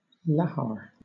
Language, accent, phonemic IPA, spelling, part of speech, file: English, Southern England, /ˈlɑhɑɹ/, lahar, noun, LL-Q1860 (eng)-lahar.wav
- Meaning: A volcanic mudflow